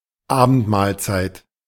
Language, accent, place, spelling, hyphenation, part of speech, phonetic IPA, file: German, Germany, Berlin, Abendmahlzeit, Abend‧mahl‧zeit, noun, [ˈaːbəntˌmaːlt͡saɪ̯t], De-Abendmahlzeit.ogg
- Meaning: evening meal